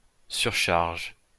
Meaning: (noun) overloading; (verb) inflection of surcharger: 1. first/third-person singular present indicative/subjunctive 2. second-person singular imperative
- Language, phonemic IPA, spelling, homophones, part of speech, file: French, /syʁ.ʃaʁʒ/, surcharge, surchargent / surcharges, noun / verb, LL-Q150 (fra)-surcharge.wav